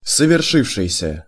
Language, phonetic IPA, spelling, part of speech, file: Russian, [səvʲɪrˈʂɨfʂɨjsʲə], совершившийся, verb, Ru-совершившийся.ogg
- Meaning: past active perfective participle of соверши́ться (soveršítʹsja)